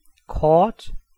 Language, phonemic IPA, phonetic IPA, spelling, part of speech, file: Danish, /kɔrt/, [ˈkʰɒːd̥], kort, adjective / adverb / noun, Da-kort.ogg
- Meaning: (adjective) 1. short 2. brief; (adverb) 1. briefly 2. curtly 3. shortly; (noun) 1. card 2. map, plan 3. chart